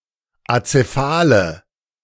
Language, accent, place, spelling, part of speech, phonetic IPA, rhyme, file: German, Germany, Berlin, azephale, adjective, [at͡seˈfaːlə], -aːlə, De-azephale.ogg
- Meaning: inflection of azephal: 1. strong/mixed nominative/accusative feminine singular 2. strong nominative/accusative plural 3. weak nominative all-gender singular 4. weak accusative feminine/neuter singular